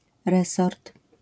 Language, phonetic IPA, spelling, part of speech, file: Polish, [ˈrɛsɔrt], resort, noun, LL-Q809 (pol)-resort.wav